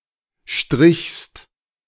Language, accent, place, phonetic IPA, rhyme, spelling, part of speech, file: German, Germany, Berlin, [ʃtʁɪçst], -ɪçst, strichst, verb, De-strichst.ogg
- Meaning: second-person singular preterite of streichen